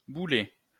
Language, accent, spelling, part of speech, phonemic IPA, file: French, France, boulet, noun, /bu.lɛ/, LL-Q150 (fra)-boulet.wav
- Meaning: 1. cannonball 2. ball and chain 3. fetlock 4. goof, goofball